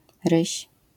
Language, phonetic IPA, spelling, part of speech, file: Polish, [rɨɕ], ryś, noun, LL-Q809 (pol)-ryś.wav